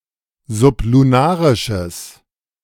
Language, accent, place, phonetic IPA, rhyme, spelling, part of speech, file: German, Germany, Berlin, [zʊpluˈnaːʁɪʃəs], -aːʁɪʃəs, sublunarisches, adjective, De-sublunarisches.ogg
- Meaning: strong/mixed nominative/accusative neuter singular of sublunarisch